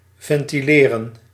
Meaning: 1. to ventilate 2. to articulate, make clear and precise
- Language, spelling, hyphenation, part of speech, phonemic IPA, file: Dutch, ventileren, ven‧ti‧le‧ren, verb, /vɛn.tiˈleː.rə(n)/, Nl-ventileren.ogg